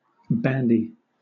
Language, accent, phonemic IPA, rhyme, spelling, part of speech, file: English, Southern England, /ˈbændi/, -ændi, bandy, verb / adjective / noun, LL-Q1860 (eng)-bandy.wav
- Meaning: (verb) 1. To give and receive reciprocally; to exchange 2. To use or pass about casually 3. To throw or strike reciprocally, like balls in sports 4. To fight (with or against someone)